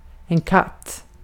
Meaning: 1. a cat 2. a sexually attractive woman 3. a cat-o'-nine-tails 4. euphemistic form of fan
- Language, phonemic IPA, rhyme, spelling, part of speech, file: Swedish, /ˈkatː/, -atː, katt, noun, Sv-katt.ogg